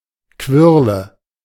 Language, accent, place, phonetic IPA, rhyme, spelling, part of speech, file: German, Germany, Berlin, [ˈkvɪʁlə], -ɪʁlə, Quirle, noun, De-Quirle.ogg
- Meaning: nominative/accusative/genitive plural of Quirl